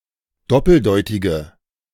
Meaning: inflection of doppeldeutig: 1. strong/mixed nominative/accusative feminine singular 2. strong nominative/accusative plural 3. weak nominative all-gender singular
- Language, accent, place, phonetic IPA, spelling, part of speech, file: German, Germany, Berlin, [ˈdɔpl̩ˌdɔɪ̯tɪɡə], doppeldeutige, adjective, De-doppeldeutige.ogg